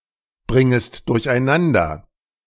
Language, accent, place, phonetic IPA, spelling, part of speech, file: German, Germany, Berlin, [ˌbʁɪŋəst dʊʁçʔaɪ̯ˈnandɐ], bringest durcheinander, verb, De-bringest durcheinander.ogg
- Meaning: second-person singular subjunctive I of durcheinanderbringen